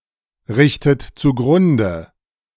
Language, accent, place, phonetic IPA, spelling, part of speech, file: German, Germany, Berlin, [ˌʁɪçtət t͡suˈɡʁʊndə], richtet zugrunde, verb, De-richtet zugrunde.ogg
- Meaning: inflection of zugrunderichten: 1. second-person plural present 2. second-person plural subjunctive I 3. third-person singular present 4. plural imperative